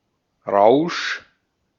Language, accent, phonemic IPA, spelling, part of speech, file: German, Austria, /ʁaʊ̯ʃ/, Rausch, noun, De-at-Rausch.ogg
- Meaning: 1. high, flush, intoxication 2. frenzy